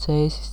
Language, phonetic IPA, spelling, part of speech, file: Latvian, [tsēːsis], Cēsis, proper noun, Lv-Cēsis.ogg
- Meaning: Cēsis (a town and district in northern Latvia in Vidzeme)